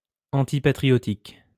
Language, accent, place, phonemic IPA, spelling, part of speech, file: French, France, Lyon, /ɑ̃.ti.pa.tʁi.jɔ.tik/, antipatriotique, adjective, LL-Q150 (fra)-antipatriotique.wav
- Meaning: antipatriotic